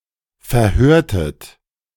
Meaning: inflection of verhören: 1. second-person plural preterite 2. second-person plural subjunctive II
- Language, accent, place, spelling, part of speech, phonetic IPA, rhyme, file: German, Germany, Berlin, verhörtet, verb, [fɛɐ̯ˈhøːɐ̯tət], -øːɐ̯tət, De-verhörtet.ogg